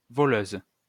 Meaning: female equivalent of voleur
- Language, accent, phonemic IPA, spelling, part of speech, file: French, France, /vɔ.løz/, voleuse, noun, LL-Q150 (fra)-voleuse.wav